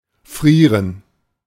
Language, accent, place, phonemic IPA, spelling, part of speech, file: German, Germany, Berlin, /ˈfriːrən/, frieren, verb, De-frieren.ogg
- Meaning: 1. to be cold, feel cold [auxiliary haben] (unlike English freeze neither informal nor expressing extreme cold.) 2. to be cold, feel cold 3. to freeze, be freezing, be below 0 degrees celsius